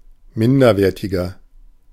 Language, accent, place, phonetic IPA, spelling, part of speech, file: German, Germany, Berlin, [ˈmɪndɐˌveːɐ̯tɪɡɐ], minderwertiger, adjective, De-minderwertiger.ogg
- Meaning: 1. comparative degree of minderwertig 2. inflection of minderwertig: strong/mixed nominative masculine singular 3. inflection of minderwertig: strong genitive/dative feminine singular